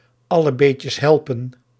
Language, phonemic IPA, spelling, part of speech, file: Dutch, /ˈɑlə ˈbeːtjəs ˈɦɛlpə(n)/, alle beetjes helpen, proverb, Nl-alle beetjes helpen.ogg
- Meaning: every little helps